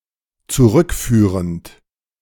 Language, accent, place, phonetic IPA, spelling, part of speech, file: German, Germany, Berlin, [t͡suˈʁʏkˌfyːʁənt], zurückführend, verb, De-zurückführend.ogg
- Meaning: present participle of zurückführen